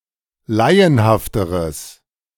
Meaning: strong/mixed nominative/accusative neuter singular comparative degree of laienhaft
- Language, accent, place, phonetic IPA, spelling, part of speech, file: German, Germany, Berlin, [ˈlaɪ̯ənhaftəʁəs], laienhafteres, adjective, De-laienhafteres.ogg